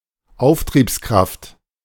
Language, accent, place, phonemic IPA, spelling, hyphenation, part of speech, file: German, Germany, Berlin, /ˈaʊ̯ftʁiːpsˌkʁaft/, Auftriebskraft, Auf‧triebs‧kraft, noun, De-Auftriebskraft.ogg
- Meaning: buoyancy (force)